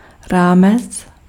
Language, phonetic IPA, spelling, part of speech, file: Czech, [ˈraːmɛt͡s], rámec, noun, Cs-rámec.ogg
- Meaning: 1. framework (basic conceptual structure) 2. ambit